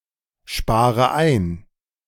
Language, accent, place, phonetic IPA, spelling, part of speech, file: German, Germany, Berlin, [ˌʃpaːʁə ˈaɪ̯n], spare ein, verb, De-spare ein.ogg
- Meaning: inflection of einsparen: 1. first-person singular present 2. first/third-person singular subjunctive I 3. singular imperative